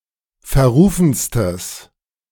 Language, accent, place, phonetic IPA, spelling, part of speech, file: German, Germany, Berlin, [fɛɐ̯ˈʁuːfn̩stəs], verrufenstes, adjective, De-verrufenstes.ogg
- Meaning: strong/mixed nominative/accusative neuter singular superlative degree of verrufen